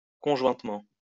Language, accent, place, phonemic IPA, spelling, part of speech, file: French, France, Lyon, /kɔ̃.ʒwɛ̃t.mɑ̃/, conjointement, adverb, LL-Q150 (fra)-conjointement.wav
- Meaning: jointly, together